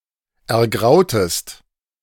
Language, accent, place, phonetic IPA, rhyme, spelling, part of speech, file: German, Germany, Berlin, [ɛɐ̯ˈɡʁaʊ̯təst], -aʊ̯təst, ergrautest, verb, De-ergrautest.ogg
- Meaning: inflection of ergrauen: 1. second-person singular preterite 2. second-person singular subjunctive II